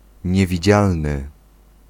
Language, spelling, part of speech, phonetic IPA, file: Polish, niewidzialny, adjective, [ˌɲɛvʲiˈd͡ʑalnɨ], Pl-niewidzialny.ogg